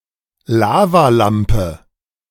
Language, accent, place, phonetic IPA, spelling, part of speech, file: German, Germany, Berlin, [ˈlaːvaˌlampə], Lavalampe, noun, De-Lavalampe.ogg
- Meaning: lava lamp